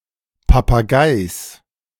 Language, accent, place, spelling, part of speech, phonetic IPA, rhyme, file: German, Germany, Berlin, Papageis, noun, [papaˈɡaɪ̯s], -aɪ̯s, De-Papageis.ogg
- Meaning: genitive singular of Papagei